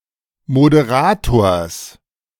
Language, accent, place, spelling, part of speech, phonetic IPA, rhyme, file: German, Germany, Berlin, Moderators, noun, [modeˈʁaːtoːɐ̯s], -aːtoːɐ̯s, De-Moderators.ogg
- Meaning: genitive singular of Moderator